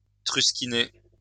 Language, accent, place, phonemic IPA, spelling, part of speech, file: French, France, Lyon, /tʁys.ki.ne/, trusquiner, verb, LL-Q150 (fra)-trusquiner.wav
- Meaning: to mark out with a marking gauge; to scribe